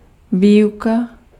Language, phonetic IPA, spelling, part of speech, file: Czech, [ˈviːjuka], výuka, noun, Cs-výuka.ogg
- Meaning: teaching, education